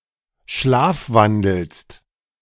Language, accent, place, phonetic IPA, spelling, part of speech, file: German, Germany, Berlin, [ˈʃlaːfˌvandl̩st], schlafwandelst, verb, De-schlafwandelst.ogg
- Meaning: second-person singular present of schlafwandeln